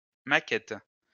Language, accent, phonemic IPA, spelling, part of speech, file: French, France, /ma.kɛt/, maquette, noun, LL-Q150 (fra)-maquette.wav
- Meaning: model, mock-up